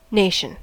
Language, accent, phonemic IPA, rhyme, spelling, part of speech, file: English, US, /ˈneɪʃən/, -eɪʃən, nation, noun / adverb / adjective, En-us-nation.ogg
- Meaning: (noun) A historically constituted, stable community of people, formed based on a common language, territory, economic life, ethnicity and/or psychological make-up manifested in a common culture